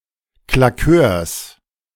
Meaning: genitive singular of Claqueur
- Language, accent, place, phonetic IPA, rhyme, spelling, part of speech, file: German, Germany, Berlin, [klaˈkøːɐ̯s], -øːɐ̯s, Claqueurs, noun, De-Claqueurs.ogg